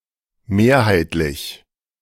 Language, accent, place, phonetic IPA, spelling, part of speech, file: German, Germany, Berlin, [ˈmeːɐ̯haɪ̯tlɪç], mehrheitlich, adjective, De-mehrheitlich.ogg
- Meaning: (adjective) majority; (adverb) 1. predominantly 2. preponderantly